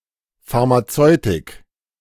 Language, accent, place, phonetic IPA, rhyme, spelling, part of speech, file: German, Germany, Berlin, [ˌfaʁmaˈt͡sɔɪ̯tɪk], -ɔɪ̯tɪk, Pharmazeutik, noun, De-Pharmazeutik.ogg
- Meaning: 1. pharmaceutics 2. pharmaceutical (drug)